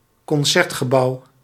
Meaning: concert hall (building)
- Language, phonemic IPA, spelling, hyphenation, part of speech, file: Dutch, /kɔnˈsɛrt.xəˌbɑu̯/, concertgebouw, con‧cert‧ge‧bouw, noun, Nl-concertgebouw.ogg